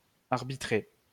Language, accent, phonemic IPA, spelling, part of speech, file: French, France, /aʁ.bi.tʁe/, arbitrer, verb, LL-Q150 (fra)-arbitrer.wav
- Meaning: 1. to arbitrate 2. to referee